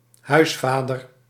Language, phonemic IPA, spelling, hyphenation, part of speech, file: Dutch, /ˈɦœy̯sˌfaː.dər/, huisvader, huis‧va‧der, noun, Nl-huisvader.ogg
- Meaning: father of the house, family man